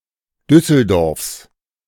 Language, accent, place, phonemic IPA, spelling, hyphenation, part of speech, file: German, Germany, Berlin, /ˈdʏsəlˌdɔrfs/, Düsseldorfs, Düs‧sel‧dorfs, proper noun, De-Düsseldorfs.ogg
- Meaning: genitive singular of Düsseldorf